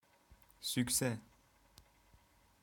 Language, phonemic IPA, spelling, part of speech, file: Turkish, /syc.se/, sükse, noun, Sükse.wav
- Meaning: success